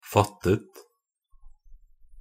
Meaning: simple past and past participle of fatte
- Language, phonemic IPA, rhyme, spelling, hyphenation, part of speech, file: Norwegian Bokmål, /ˈfatːət/, -ət, fattet, fat‧tet, verb, Nb-fattet.ogg